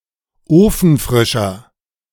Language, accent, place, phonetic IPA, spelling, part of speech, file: German, Germany, Berlin, [ˈoːfn̩ˌfʁɪʃɐ], ofenfrischer, adjective, De-ofenfrischer.ogg
- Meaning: 1. comparative degree of ofenfrisch 2. inflection of ofenfrisch: strong/mixed nominative masculine singular 3. inflection of ofenfrisch: strong genitive/dative feminine singular